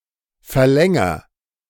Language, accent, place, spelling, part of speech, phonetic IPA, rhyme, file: German, Germany, Berlin, verlänger, verb, [fɛɐ̯ˈlɛŋɐ], -ɛŋɐ, De-verlänger.ogg
- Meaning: inflection of verlängern: 1. first-person singular present 2. singular imperative